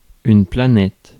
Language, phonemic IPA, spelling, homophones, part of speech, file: French, /pla.nɛt/, planète, planètes, noun, Fr-planète.ogg
- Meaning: planet